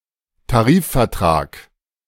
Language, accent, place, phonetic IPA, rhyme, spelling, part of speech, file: German, Germany, Berlin, [taˈʁiːffɛɐ̯ˌtʁaːk], -iːffɛɐ̯tʁaːk, Tarifvertrag, noun, De-Tarifvertrag.ogg
- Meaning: collective agreement